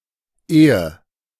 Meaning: 1. before, ere 2. rather than
- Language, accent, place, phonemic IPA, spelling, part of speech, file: German, Germany, Berlin, /ˈʔeːə/, ehe, conjunction, De-ehe.ogg